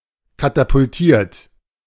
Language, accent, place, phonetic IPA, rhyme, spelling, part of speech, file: German, Germany, Berlin, [katapʊlˈtiːɐ̯t], -iːɐ̯t, katapultiert, verb, De-katapultiert.ogg
- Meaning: 1. past participle of katapultieren 2. inflection of katapultieren: third-person singular present 3. inflection of katapultieren: second-person plural present